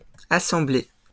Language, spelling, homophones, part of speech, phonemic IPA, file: French, assemblées, assemblé / assemblée, noun / verb, /a.sɑ̃.ble/, LL-Q150 (fra)-assemblées.wav
- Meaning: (noun) plural of assemblée; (verb) feminine plural of assemblé